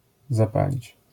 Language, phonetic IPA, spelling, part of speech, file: Polish, [zaˈpalʲit͡ɕ], zapalić, verb, LL-Q809 (pol)-zapalić.wav